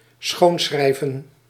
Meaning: to calligraph
- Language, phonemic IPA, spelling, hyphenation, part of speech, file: Dutch, /ˈsxoːnˌsxrɛi̯.və(n)/, schoonschrijven, schoon‧schrij‧ven, verb, Nl-schoonschrijven.ogg